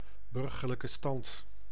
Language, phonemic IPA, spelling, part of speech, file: Dutch, /ˌbʏr.ɣər.lə.kə ˈstɑnt/, burgerlijke stand, noun, Nl-burgerlijke stand.ogg
- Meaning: civil registry